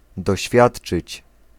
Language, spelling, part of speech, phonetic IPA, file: Polish, doświadczyć, verb, [dɔˈɕfʲjaṭt͡ʃɨt͡ɕ], Pl-doświadczyć.ogg